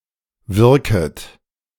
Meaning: second-person plural subjunctive I of wirken
- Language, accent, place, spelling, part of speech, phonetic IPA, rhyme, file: German, Germany, Berlin, wirket, verb, [ˈvɪʁkət], -ɪʁkət, De-wirket.ogg